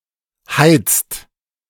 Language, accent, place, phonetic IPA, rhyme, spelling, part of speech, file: German, Germany, Berlin, [haɪ̯t͡st], -aɪ̯t͡st, heizt, verb, De-heizt.ogg
- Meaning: inflection of heizen: 1. second-person singular/plural present 2. third-person singular present 3. plural imperative